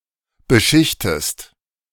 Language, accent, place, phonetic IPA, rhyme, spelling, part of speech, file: German, Germany, Berlin, [bəˈʃɪçtəst], -ɪçtəst, beschichtest, verb, De-beschichtest.ogg
- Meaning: inflection of beschichten: 1. second-person singular present 2. second-person singular subjunctive I